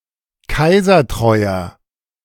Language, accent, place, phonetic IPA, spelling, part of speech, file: German, Germany, Berlin, [ˈkaɪ̯zɐˌtʁɔɪ̯ɐ], kaisertreuer, adjective, De-kaisertreuer.ogg
- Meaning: 1. comparative degree of kaisertreu 2. inflection of kaisertreu: strong/mixed nominative masculine singular 3. inflection of kaisertreu: strong genitive/dative feminine singular